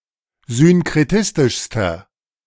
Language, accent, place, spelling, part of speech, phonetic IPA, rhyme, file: German, Germany, Berlin, synkretistischster, adjective, [zʏnkʁeˈtɪstɪʃstɐ], -ɪstɪʃstɐ, De-synkretistischster.ogg
- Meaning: inflection of synkretistisch: 1. strong/mixed nominative masculine singular superlative degree 2. strong genitive/dative feminine singular superlative degree